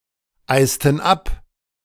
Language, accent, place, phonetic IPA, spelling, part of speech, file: German, Germany, Berlin, [ˌaɪ̯stn̩ ˈap], eisten ab, verb, De-eisten ab.ogg
- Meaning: inflection of abeisen: 1. first/third-person plural preterite 2. first/third-person plural subjunctive II